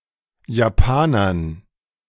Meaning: dative plural of Japaner
- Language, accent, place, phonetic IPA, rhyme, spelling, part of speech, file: German, Germany, Berlin, [jaˈpaːnɐn], -aːnɐn, Japanern, noun, De-Japanern.ogg